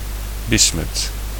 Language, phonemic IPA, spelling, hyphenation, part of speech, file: Dutch, /ˈbɪs.mʏt/, bismut, bis‧mut, noun, Nl-bismut.ogg
- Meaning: bismuth